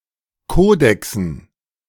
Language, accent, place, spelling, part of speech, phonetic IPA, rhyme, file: German, Germany, Berlin, Kodexen, noun, [ˈkoːdɛksn̩], -oːdɛksn̩, De-Kodexen.ogg
- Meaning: dative plural of Kodex